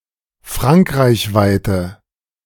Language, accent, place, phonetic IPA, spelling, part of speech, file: German, Germany, Berlin, [ˈfʁaŋkʁaɪ̯çˌvaɪ̯tə], frankreichweite, adjective, De-frankreichweite.ogg
- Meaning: inflection of frankreichweit: 1. strong/mixed nominative/accusative feminine singular 2. strong nominative/accusative plural 3. weak nominative all-gender singular